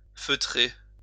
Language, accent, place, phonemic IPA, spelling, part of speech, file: French, France, Lyon, /fø.tʁe/, feutrer, verb, LL-Q150 (fra)-feutrer.wav
- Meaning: 1. to felt 2. to muffle